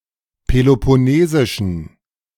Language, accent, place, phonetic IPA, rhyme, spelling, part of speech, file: German, Germany, Berlin, [pelopɔˈneːzɪʃn̩], -eːzɪʃn̩, peloponnesischen, adjective, De-peloponnesischen.ogg
- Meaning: inflection of peloponnesisch: 1. strong genitive masculine/neuter singular 2. weak/mixed genitive/dative all-gender singular 3. strong/weak/mixed accusative masculine singular 4. strong dative plural